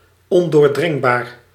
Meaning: impenetrable, inaccessible, impregnable, unassailable
- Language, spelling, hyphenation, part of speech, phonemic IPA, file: Dutch, ondoordringbaar, on‧door‧dring‧baar, adjective, /ˌɔn.doːrˈdrɪŋ.baːr/, Nl-ondoordringbaar.ogg